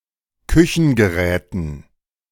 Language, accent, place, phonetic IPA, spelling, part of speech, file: German, Germany, Berlin, [ˈkʏçn̩ɡəˌʁɛːtn̩], Küchengeräten, noun, De-Küchengeräten.ogg
- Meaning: dative plural of Küchengerät